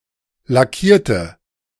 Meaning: inflection of lackieren: 1. first/third-person singular preterite 2. first/third-person singular subjunctive II
- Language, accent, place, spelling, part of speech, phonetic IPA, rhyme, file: German, Germany, Berlin, lackierte, adjective / verb, [laˈkiːɐ̯tə], -iːɐ̯tə, De-lackierte.ogg